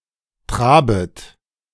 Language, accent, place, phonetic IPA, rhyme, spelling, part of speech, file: German, Germany, Berlin, [ˈtʁaːbət], -aːbət, trabet, verb, De-trabet.ogg
- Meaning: second-person plural subjunctive I of traben